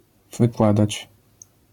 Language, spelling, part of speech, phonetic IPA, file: Polish, wykładać, verb, [vɨˈkwadat͡ɕ], LL-Q809 (pol)-wykładać.wav